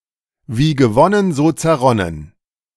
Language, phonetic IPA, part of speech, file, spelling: German, [viː ɡəˈvɔnən zoː t͡sɛɐ̯ˈʁɔnən], phrase, De-wie gewonnen so zerronnen.ogg, wie gewonnen, so zerronnen
- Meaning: easy come, easy go